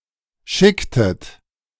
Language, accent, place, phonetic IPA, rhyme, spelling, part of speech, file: German, Germany, Berlin, [ˈʃɪktət], -ɪktət, schicktet, verb, De-schicktet.ogg
- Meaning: inflection of schicken: 1. second-person plural preterite 2. second-person plural subjunctive II